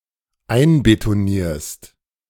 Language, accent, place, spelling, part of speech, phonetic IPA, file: German, Germany, Berlin, einbetonierst, verb, [ˈaɪ̯nbetoˌniːɐ̯st], De-einbetonierst.ogg
- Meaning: second-person singular dependent present of einbetonieren